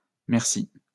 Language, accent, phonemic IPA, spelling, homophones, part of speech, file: French, France, /mɛʁ.si/, mercis, merci, noun, LL-Q150 (fra)-mercis.wav
- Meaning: plural of merci